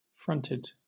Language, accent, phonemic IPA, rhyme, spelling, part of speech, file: English, Southern England, /ˈfɹʌntɪd/, -ʌntɪd, fronted, verb / adjective, LL-Q1860 (eng)-fronted.wav
- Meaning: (verb) simple past and past participle of front; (adjective) 1. Formed with a front; drawn up in line 2. Pronounced in the front manner 3. Having a particular front